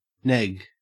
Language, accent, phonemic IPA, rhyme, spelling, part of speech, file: English, Australia, /nɛɡ/, -ɛɡ, neg, noun / adjective / verb, En-au-neg.ogg
- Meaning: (noun) 1. Clipping of negative 2. An expression or implication that one has a negative value judgement of someone in order to make them desire one's approval, especially when trying to pick up a date